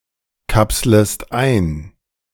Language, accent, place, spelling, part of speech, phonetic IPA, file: German, Germany, Berlin, kapslest ein, verb, [ˌkapsləst ˈaɪ̯n], De-kapslest ein.ogg
- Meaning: second-person singular subjunctive I of einkapseln